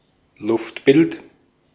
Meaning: aerial view, aerial photograph, bird's-eye view
- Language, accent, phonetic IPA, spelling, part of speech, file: German, Austria, [ˈlʊftˌbɪlt], Luftbild, noun, De-at-Luftbild.ogg